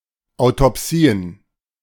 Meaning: plural of Autopsie
- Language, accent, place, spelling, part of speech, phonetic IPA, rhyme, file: German, Germany, Berlin, Autopsien, noun, [aʊ̯tɔˈpsiːən], -iːən, De-Autopsien.ogg